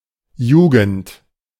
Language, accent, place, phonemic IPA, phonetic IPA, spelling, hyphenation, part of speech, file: German, Germany, Berlin, /ˈjuːɡənt/, [ˈjuːɡŋ̍t], Jugend, Ju‧gend, noun, De-Jugend.ogg
- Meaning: 1. youth (quality or state of being young; part of life following childhood) 2. youth (young people collectively)